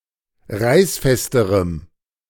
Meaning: strong dative masculine/neuter singular comparative degree of reißfest
- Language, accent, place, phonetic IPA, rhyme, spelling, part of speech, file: German, Germany, Berlin, [ˈʁaɪ̯sˌfɛstəʁəm], -aɪ̯sfɛstəʁəm, reißfesterem, adjective, De-reißfesterem.ogg